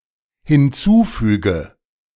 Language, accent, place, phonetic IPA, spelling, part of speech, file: German, Germany, Berlin, [hɪnˈt͡suːˌfyːɡə], hinzufüge, verb, De-hinzufüge.ogg
- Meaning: inflection of hinzufügen: 1. first-person singular dependent present 2. first/third-person singular dependent subjunctive I